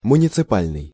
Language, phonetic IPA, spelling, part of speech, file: Russian, [mʊnʲɪt͡sɨˈpalʲnɨj], муниципальный, adjective, Ru-муниципальный.ogg
- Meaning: municipal (relating to a city)